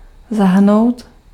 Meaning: to include (to bring into a group, class, set, or total as a part or member)
- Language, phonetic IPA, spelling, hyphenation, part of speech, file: Czech, [ˈzaɦr̩nou̯t], zahrnout, za‧hr‧nout, verb, Cs-zahrnout.ogg